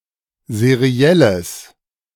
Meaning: strong/mixed nominative/accusative neuter singular of seriell
- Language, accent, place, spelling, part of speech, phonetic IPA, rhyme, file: German, Germany, Berlin, serielles, adjective, [zeˈʁi̯ɛləs], -ɛləs, De-serielles.ogg